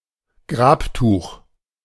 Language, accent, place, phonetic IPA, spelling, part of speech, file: German, Germany, Berlin, [ˈɡʁaːpˌtuːx], Grabtuch, noun, De-Grabtuch.ogg
- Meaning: shroud